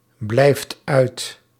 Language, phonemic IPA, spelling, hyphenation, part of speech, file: Dutch, /ˌblɛi̯ft ˈœy̯t/, blijft uit, blijft uit, verb, Nl-blijft uit.ogg
- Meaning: inflection of uitblijven: 1. second/third-person singular present indicative 2. plural imperative